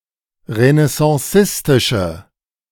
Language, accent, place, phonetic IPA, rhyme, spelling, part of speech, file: German, Germany, Berlin, [ʁənɛsɑ̃ˈsɪstɪʃə], -ɪstɪʃə, renaissancistische, adjective, De-renaissancistische.ogg
- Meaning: inflection of renaissancistisch: 1. strong/mixed nominative/accusative feminine singular 2. strong nominative/accusative plural 3. weak nominative all-gender singular